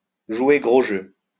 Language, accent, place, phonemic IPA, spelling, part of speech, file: French, France, Lyon, /ʒwe ɡʁo ʒø/, jouer gros jeu, verb, LL-Q150 (fra)-jouer gros jeu.wav
- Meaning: to play big, to play for high stakes